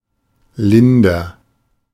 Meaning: inflection of lindern: 1. first-person singular present 2. singular imperative
- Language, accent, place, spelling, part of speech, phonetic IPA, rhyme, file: German, Germany, Berlin, linder, adjective, [ˈlɪndɐ], -ɪndɐ, De-linder.ogg